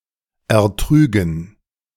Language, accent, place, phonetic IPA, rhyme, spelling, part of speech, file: German, Germany, Berlin, [ɛɐ̯ˈtʁyːɡn̩], -yːɡn̩, ertrügen, verb, De-ertrügen.ogg
- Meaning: first/third-person plural subjunctive II of ertragen